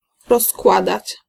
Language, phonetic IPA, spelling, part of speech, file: Polish, [rɔsˈkwadat͡ɕ], rozkładać, verb, Pl-rozkładać.ogg